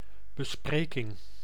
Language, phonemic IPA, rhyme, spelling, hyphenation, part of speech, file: Dutch, /bəˈspreːkɪŋ/, -eːkɪŋ, bespreking, be‧spre‧king, noun, Nl-bespreking.ogg
- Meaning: a discussion